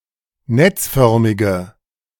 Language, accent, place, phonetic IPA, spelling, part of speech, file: German, Germany, Berlin, [ˈnɛt͡sˌfœʁmɪɡə], netzförmige, adjective, De-netzförmige.ogg
- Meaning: inflection of netzförmig: 1. strong/mixed nominative/accusative feminine singular 2. strong nominative/accusative plural 3. weak nominative all-gender singular